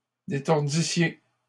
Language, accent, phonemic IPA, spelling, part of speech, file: French, Canada, /de.tɔʁ.di.sje/, détordissiez, verb, LL-Q150 (fra)-détordissiez.wav
- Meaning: second-person plural imperfect subjunctive of détordre